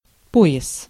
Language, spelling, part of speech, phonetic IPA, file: Russian, пояс, noun, [ˈpo(j)ɪs], Ru-пояс.ogg
- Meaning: 1. belt, girdle, band, waistband, cummerbund 2. zone, region 3. flange, collar, hoop 4. boom (of an arch)